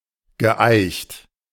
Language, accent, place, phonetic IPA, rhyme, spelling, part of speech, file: German, Germany, Berlin, [ɡəˈʔaɪ̯çt], -aɪ̯çt, geeicht, verb, De-geeicht.ogg
- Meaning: past participle of eichen